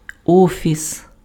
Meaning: office
- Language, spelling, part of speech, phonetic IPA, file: Ukrainian, офіс, noun, [ˈɔfʲis], Uk-офіс.ogg